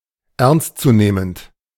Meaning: serious (to be taken seriously)
- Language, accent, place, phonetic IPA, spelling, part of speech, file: German, Germany, Berlin, [ˈɛʁnstt͡suˌneːmənt], ernstzunehmend, adjective, De-ernstzunehmend.ogg